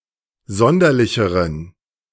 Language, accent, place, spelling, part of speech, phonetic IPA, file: German, Germany, Berlin, sonderlicheren, adjective, [ˈzɔndɐlɪçəʁən], De-sonderlicheren.ogg
- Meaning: inflection of sonderlich: 1. strong genitive masculine/neuter singular comparative degree 2. weak/mixed genitive/dative all-gender singular comparative degree